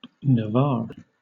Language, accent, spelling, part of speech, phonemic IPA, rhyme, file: English, Southern England, Navarre, proper noun, /nəˈvɑː(ɹ)/, -ɑː(ɹ), LL-Q1860 (eng)-Navarre.wav
- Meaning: 1. An autonomous community and province in northern Spain 2. A former kingdom, originally predominantly Basque-speaking, in modern northern Spain and southwest France